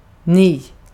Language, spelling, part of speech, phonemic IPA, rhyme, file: Swedish, ni, pronoun, /niː/, -iː, Sv-ni.ogg
- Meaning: you (plural subjective case)